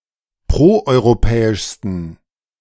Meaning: 1. superlative degree of proeuropäisch 2. inflection of proeuropäisch: strong genitive masculine/neuter singular superlative degree
- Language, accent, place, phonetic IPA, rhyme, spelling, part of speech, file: German, Germany, Berlin, [ˌpʁoʔɔɪ̯ʁoˈpɛːɪʃstn̩], -ɛːɪʃstn̩, proeuropäischsten, adjective, De-proeuropäischsten.ogg